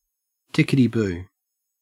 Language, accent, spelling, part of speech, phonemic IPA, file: English, Australia, tickety-boo, adjective, /ˈtɪkɪti ˌbuː/, En-au-tickety-boo.ogg
- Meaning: Correct, satisfactory